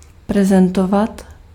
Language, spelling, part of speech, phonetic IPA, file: Czech, reprezentovat, verb, [ˈrɛprɛzɛntovat], Cs-reprezentovat.ogg
- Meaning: to represent (to stand in the place of)